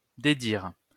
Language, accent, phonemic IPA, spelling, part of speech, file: French, France, /de.diʁ/, dédire, verb, LL-Q150 (fra)-dédire.wav
- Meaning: to go back on, retract